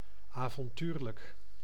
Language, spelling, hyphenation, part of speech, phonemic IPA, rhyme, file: Dutch, avontuurlijk, avon‧tuur‧lijk, adjective, /ˌaː.vɔnˈtyːr.lək/, -yːrlək, Nl-avontuurlijk.ogg
- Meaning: 1. like an adventure, dangerous, eventful, exciting 2. daring, adventurous, accepting risks